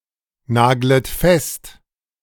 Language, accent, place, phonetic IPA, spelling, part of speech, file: German, Germany, Berlin, [ˌnaːɡlət ˈfɛst], naglet fest, verb, De-naglet fest.ogg
- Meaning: second-person plural subjunctive I of festnageln